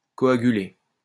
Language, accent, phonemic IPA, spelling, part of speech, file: French, France, /kɔ.a.ɡy.le/, coaguler, verb, LL-Q150 (fra)-coaguler.wav
- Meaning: to coagulate